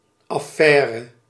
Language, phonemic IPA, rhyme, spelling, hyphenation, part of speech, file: Dutch, /ˌɑˈfɛː.rə/, -ɛːrə, affaire, af‧fai‧re, noun, Nl-affaire.ogg
- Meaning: 1. matter, issue 2. political scandal or controversy 3. sexual affair 4. business